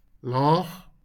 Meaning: low
- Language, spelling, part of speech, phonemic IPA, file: Afrikaans, laag, adjective, /lɑːχ/, LL-Q14196 (afr)-laag.wav